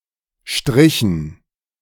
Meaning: dative plural of Strich
- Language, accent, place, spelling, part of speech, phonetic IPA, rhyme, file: German, Germany, Berlin, Strichen, noun, [ˈʃtʁɪçn̩], -ɪçn̩, De-Strichen.ogg